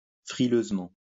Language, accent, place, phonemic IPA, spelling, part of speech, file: French, France, Lyon, /fʁi.løz.mɑ̃/, frileusement, adverb, LL-Q150 (fra)-frileusement.wav
- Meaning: in a chilly manner; shivering